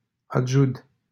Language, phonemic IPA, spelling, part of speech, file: Romanian, /adˈʒud/, Adjud, proper noun, LL-Q7913 (ron)-Adjud.wav
- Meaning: a city in Vrancea County, Romania